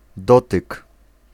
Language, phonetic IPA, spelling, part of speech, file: Polish, [ˈdɔtɨk], dotyk, noun, Pl-dotyk.ogg